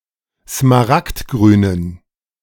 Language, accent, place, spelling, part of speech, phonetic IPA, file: German, Germany, Berlin, smaragdgrünen, adjective, [smaˈʁaktˌɡʁyːnən], De-smaragdgrünen.ogg
- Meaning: inflection of smaragdgrün: 1. strong genitive masculine/neuter singular 2. weak/mixed genitive/dative all-gender singular 3. strong/weak/mixed accusative masculine singular 4. strong dative plural